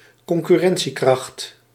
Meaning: competitiveness
- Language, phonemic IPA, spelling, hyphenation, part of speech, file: Dutch, /kɔŋ.kyˈrɛn.(t)siˌkrɑxt/, concurrentiekracht, con‧cur‧ren‧tie‧kracht, noun, Nl-concurrentiekracht.ogg